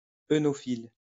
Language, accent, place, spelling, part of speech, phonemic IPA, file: French, France, Lyon, œnophile, noun, /e.nɔ.fil/, LL-Q150 (fra)-œnophile.wav
- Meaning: oenophile